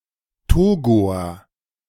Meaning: Togolese (a person from Togo or of Togolese descent)
- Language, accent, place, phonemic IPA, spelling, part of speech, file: German, Germany, Berlin, /ˈtoːɡoɐ/, Togoer, noun, De-Togoer.ogg